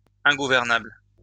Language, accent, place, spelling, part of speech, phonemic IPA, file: French, France, Lyon, ingouvernable, adjective, /ɛ̃.ɡu.vɛʁ.nabl/, LL-Q150 (fra)-ingouvernable.wav
- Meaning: ungovernable